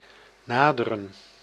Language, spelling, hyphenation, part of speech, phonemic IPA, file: Dutch, naderen, na‧de‧ren, verb, /ˈnaːdərə(n)/, Nl-naderen.ogg
- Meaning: to approach